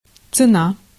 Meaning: 1. price, cost 2. worth 3. value
- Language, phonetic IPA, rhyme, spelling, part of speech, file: Russian, [t͡sɨˈna], -a, цена, noun, Ru-цена.ogg